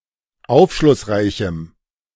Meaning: strong dative masculine/neuter singular of aufschlussreich
- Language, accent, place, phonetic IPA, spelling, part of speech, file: German, Germany, Berlin, [ˈaʊ̯fʃlʊsˌʁaɪ̯çm̩], aufschlussreichem, adjective, De-aufschlussreichem.ogg